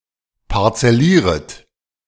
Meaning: second-person plural subjunctive I of parzellieren
- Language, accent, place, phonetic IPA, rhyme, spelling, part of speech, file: German, Germany, Berlin, [paʁt͡sɛˈliːʁət], -iːʁət, parzellieret, verb, De-parzellieret.ogg